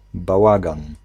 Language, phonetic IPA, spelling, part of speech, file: Polish, [baˈwaɡãn], bałagan, noun, Pl-bałagan.ogg